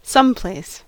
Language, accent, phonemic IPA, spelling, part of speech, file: English, US, /ˈsʌmˌpleɪs/, someplace, adverb / noun, En-us-someplace.ogg
- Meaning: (adverb) Somewhere; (noun) An unspecified location